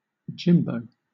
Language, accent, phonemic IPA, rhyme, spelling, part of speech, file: English, Southern England, /ˈd͡ʒɪmbəʊ/, -ɪmbəʊ, Jimbo, proper noun, LL-Q1860 (eng)-Jimbo.wav
- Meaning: A diminutive of the male given name James